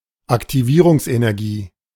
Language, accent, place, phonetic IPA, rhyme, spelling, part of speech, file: German, Germany, Berlin, [aktiˈviːʁʊŋsʔenɛʁˌɡiː], -iːʁʊŋsʔenɛʁɡiː, Aktivierungsenergie, noun, De-Aktivierungsenergie.ogg
- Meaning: activation energy